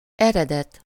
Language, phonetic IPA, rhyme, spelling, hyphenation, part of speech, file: Hungarian, [ˈɛrɛdɛt], -ɛt, eredet, ere‧det, noun, Hu-eredet.ogg
- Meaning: 1. origin, source 2. accusative of ered